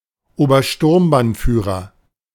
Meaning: military rank of the nazi SA and SS, corresponds with lieutenant colonel. Senior rank is Standartenführer, rank below is Sturmbannführer (major)
- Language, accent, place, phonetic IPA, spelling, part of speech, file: German, Germany, Berlin, [oːbɐˈʃtʊʁmbanˌfyːʁɐ], Obersturmbannführer, noun, De-Obersturmbannführer.ogg